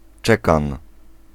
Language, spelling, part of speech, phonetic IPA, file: Polish, czekan, noun, [ˈt͡ʃɛkãn], Pl-czekan.ogg